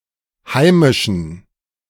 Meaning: inflection of heimisch: 1. strong genitive masculine/neuter singular 2. weak/mixed genitive/dative all-gender singular 3. strong/weak/mixed accusative masculine singular 4. strong dative plural
- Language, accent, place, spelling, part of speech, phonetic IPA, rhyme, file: German, Germany, Berlin, heimischen, adjective, [ˈhaɪ̯mɪʃn̩], -aɪ̯mɪʃn̩, De-heimischen.ogg